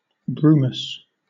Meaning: Foggy or misty; wintry
- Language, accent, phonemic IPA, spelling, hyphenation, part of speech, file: English, Southern England, /ˈbɹuːməs/, brumous, brum‧ous, adjective, LL-Q1860 (eng)-brumous.wav